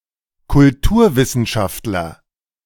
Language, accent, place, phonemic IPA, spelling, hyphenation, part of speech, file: German, Germany, Berlin, /kʊlˈtuːɐ̯vɪsn̩ˌʃaftlɐ/, Kulturwissenschaftler, Kul‧tur‧wis‧sen‧schaft‧ler, noun, De-Kulturwissenschaftler.ogg
- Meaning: cultural studies scholar